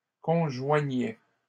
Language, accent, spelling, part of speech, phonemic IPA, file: French, Canada, conjoignaient, verb, /kɔ̃.ʒwa.ɲɛ/, LL-Q150 (fra)-conjoignaient.wav
- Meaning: third-person plural imperfect indicative of conjoindre